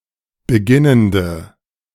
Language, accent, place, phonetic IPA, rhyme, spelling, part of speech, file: German, Germany, Berlin, [bəˈɡɪnəndə], -ɪnəndə, beginnende, adjective, De-beginnende.ogg
- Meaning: inflection of beginnend: 1. strong/mixed nominative/accusative feminine singular 2. strong nominative/accusative plural 3. weak nominative all-gender singular